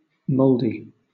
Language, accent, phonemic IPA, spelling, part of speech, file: English, Southern England, /ˈmoʊldi/, mouldy, adjective / noun, LL-Q1860 (eng)-mouldy.wav
- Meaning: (adjective) 1. Covered with mould 2. Showing signs of neglect; disused 3. Worthless; lousy; rotten 4. Gray-headed, whether from age or hair powder; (noun) A torpedo